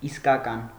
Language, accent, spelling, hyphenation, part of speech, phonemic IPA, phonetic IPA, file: Armenian, Eastern Armenian, իսկական, իս‧կա‧կան, adjective, /iskɑˈkɑn/, [iskɑkɑ́n], Hy-իսկական.ogg
- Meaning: real, true, genuine, authentic